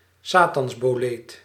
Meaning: satan's bolete, Rubroboletus satanas/Boletus satanas
- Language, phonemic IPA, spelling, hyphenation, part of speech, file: Dutch, /ˈsaː.tɑns.boːˌleːt/, satansboleet, sa‧tans‧bo‧leet, noun, Nl-satansboleet.ogg